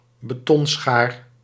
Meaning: bolt cutter, bolt cutters
- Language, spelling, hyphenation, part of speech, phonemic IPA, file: Dutch, betonschaar, be‧ton‧schaar, noun, /bəˈtɔnˌsxaːr/, Nl-betonschaar.ogg